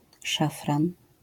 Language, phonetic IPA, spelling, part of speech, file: Polish, [ˈʃafrãn], szafran, noun, LL-Q809 (pol)-szafran.wav